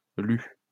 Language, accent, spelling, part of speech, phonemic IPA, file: French, France, lue, verb, /ly/, LL-Q150 (fra)-lue.wav
- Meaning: feminine singular of lu